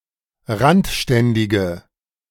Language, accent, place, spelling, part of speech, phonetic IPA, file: German, Germany, Berlin, randständige, adjective, [ˈʁantˌʃtɛndɪɡə], De-randständige.ogg
- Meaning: inflection of randständig: 1. strong/mixed nominative/accusative feminine singular 2. strong nominative/accusative plural 3. weak nominative all-gender singular